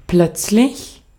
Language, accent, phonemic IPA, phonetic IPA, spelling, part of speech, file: German, Austria, /ˈplœt͡slɪç/, [ˈpʰl̥œt͡slɪç], plötzlich, adverb / adjective, De-at-plötzlich.ogg
- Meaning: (adverb) suddenly, abruptly; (adjective) sudden, abrupt, brusque